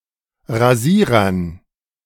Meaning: dative plural of Rasierer
- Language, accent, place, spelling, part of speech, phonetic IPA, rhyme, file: German, Germany, Berlin, Rasierern, noun, [ʁaˈziːʁɐn], -iːʁɐn, De-Rasierern.ogg